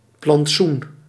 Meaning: park, public garden
- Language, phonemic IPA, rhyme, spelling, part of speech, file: Dutch, /plɑntˈsun/, -un, plantsoen, noun, Nl-plantsoen.ogg